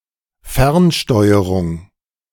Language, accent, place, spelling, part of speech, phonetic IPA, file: German, Germany, Berlin, Fernsteuerung, noun, [ˈfɛʁnˌʃtɔɪ̯əʁʊŋ], De-Fernsteuerung.ogg
- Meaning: remote control